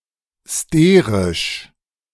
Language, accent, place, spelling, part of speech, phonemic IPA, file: German, Germany, Berlin, sterisch, adjective, /ˈsteːʁɪʃ/, De-sterisch.ogg
- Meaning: steric